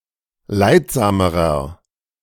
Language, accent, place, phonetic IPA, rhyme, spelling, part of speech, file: German, Germany, Berlin, [ˈlaɪ̯tˌzaːməʁɐ], -aɪ̯tzaːməʁɐ, leidsamerer, adjective, De-leidsamerer.ogg
- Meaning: inflection of leidsam: 1. strong/mixed nominative masculine singular comparative degree 2. strong genitive/dative feminine singular comparative degree 3. strong genitive plural comparative degree